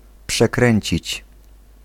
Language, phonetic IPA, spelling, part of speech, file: Polish, [pʃɛˈkrɛ̃ɲt͡ɕit͡ɕ], przekręcić, verb, Pl-przekręcić.ogg